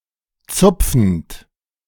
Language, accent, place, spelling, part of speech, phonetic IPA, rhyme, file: German, Germany, Berlin, zupfend, verb, [ˈt͡sʊp͡fn̩t], -ʊp͡fn̩t, De-zupfend.ogg
- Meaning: present participle of zupfen